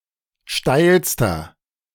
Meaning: inflection of steil: 1. strong/mixed nominative masculine singular superlative degree 2. strong genitive/dative feminine singular superlative degree 3. strong genitive plural superlative degree
- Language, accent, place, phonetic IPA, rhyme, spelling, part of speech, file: German, Germany, Berlin, [ˈʃtaɪ̯lstɐ], -aɪ̯lstɐ, steilster, adjective, De-steilster.ogg